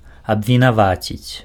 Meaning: 1. to accuse (to consider someone guilty of something) 2. to accuse (to establish the guilt of someone in a judicial procedure)
- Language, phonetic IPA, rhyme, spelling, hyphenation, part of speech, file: Belarusian, [abvʲinaˈvat͡sʲit͡sʲ], -at͡sʲit͡sʲ, абвінаваціць, аб‧ві‧на‧ва‧ціць, verb, Be-абвінаваціць.ogg